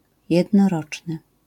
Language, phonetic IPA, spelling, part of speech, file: Polish, [ˌjɛdnɔˈrɔt͡ʃnɨ], jednoroczny, adjective, LL-Q809 (pol)-jednoroczny.wav